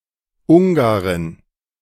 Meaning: Hungarian (female person from Hungary)
- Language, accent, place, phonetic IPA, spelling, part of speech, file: German, Germany, Berlin, [ˈʊŋɡaʁɪn], Ungarin, noun, De-Ungarin.ogg